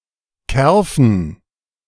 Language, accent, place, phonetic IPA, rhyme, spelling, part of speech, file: German, Germany, Berlin, [ˈkɛʁfn̩], -ɛʁfn̩, Kerfen, noun, De-Kerfen.ogg
- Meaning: dative plural of Kerf